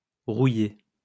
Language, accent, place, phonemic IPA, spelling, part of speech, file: French, France, Lyon, /ʁu.je/, rouillé, verb / adjective, LL-Q150 (fra)-rouillé.wav
- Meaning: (verb) past participle of rouiller; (adjective) rusty